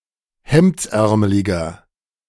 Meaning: inflection of hemdsärmelig: 1. strong/mixed nominative masculine singular 2. strong genitive/dative feminine singular 3. strong genitive plural
- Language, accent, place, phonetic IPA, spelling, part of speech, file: German, Germany, Berlin, [ˈhɛmt͡sˌʔɛʁməlɪɡɐ], hemdsärmeliger, adjective, De-hemdsärmeliger.ogg